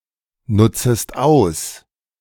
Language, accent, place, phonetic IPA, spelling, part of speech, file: German, Germany, Berlin, [ˌnʊt͡səst ˈaʊ̯s], nutzest aus, verb, De-nutzest aus.ogg
- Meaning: second-person singular subjunctive I of ausnutzen